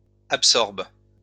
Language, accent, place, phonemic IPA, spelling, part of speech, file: French, France, Lyon, /ap.sɔʁb/, absorbent, verb, LL-Q150 (fra)-absorbent.wav
- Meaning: third-person plural present indicative/subjunctive of absorber